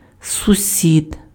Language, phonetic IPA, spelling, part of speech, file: Ukrainian, [sʊˈsʲid], сусід, noun, Uk-сусід.ogg
- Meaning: 1. neighbor (a person living on adjacent or nearby land) 2. genitive/accusative plural of сусі́да (susída)